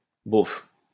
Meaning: so what, never mind, whatever, meh
- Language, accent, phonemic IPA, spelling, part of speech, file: French, France, /bɔf/, bof, interjection, LL-Q150 (fra)-bof.wav